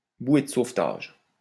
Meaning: life-buoy, life belt, life preserver
- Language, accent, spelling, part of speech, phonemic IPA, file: French, France, bouée de sauvetage, noun, /bwe d(ə) sov.taʒ/, LL-Q150 (fra)-bouée de sauvetage.wav